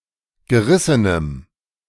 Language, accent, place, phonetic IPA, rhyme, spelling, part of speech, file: German, Germany, Berlin, [ɡəˈʁɪsənəm], -ɪsənəm, gerissenem, adjective, De-gerissenem.ogg
- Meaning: strong dative masculine/neuter singular of gerissen